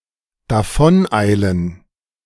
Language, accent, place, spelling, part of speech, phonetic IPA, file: German, Germany, Berlin, davoneilen, verb, [daˈfɔnˌaɪ̯lən], De-davoneilen.ogg
- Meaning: to hurry away, to hasten away